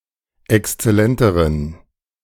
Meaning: inflection of exzellent: 1. strong genitive masculine/neuter singular comparative degree 2. weak/mixed genitive/dative all-gender singular comparative degree
- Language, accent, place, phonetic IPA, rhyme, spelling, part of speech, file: German, Germany, Berlin, [ɛkst͡sɛˈlɛntəʁən], -ɛntəʁən, exzellenteren, adjective, De-exzellenteren.ogg